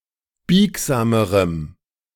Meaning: strong dative masculine/neuter singular comparative degree of biegsam
- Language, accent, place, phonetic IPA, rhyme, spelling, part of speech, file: German, Germany, Berlin, [ˈbiːkzaːməʁəm], -iːkzaːməʁəm, biegsamerem, adjective, De-biegsamerem.ogg